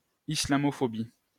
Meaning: Islamophobia (fear or hatred of Islam or Muslims)
- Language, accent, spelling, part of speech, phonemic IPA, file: French, France, islamophobie, noun, /i.sla.mɔ.fɔ.bi/, LL-Q150 (fra)-islamophobie.wav